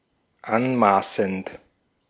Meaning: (verb) present participle of anmaßen; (adjective) presumptuous, pretentious, high-handed, arrogant, overbearing
- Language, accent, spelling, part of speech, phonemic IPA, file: German, Austria, anmaßend, verb / adjective, /ˈanˌmaːsn̩t/, De-at-anmaßend.ogg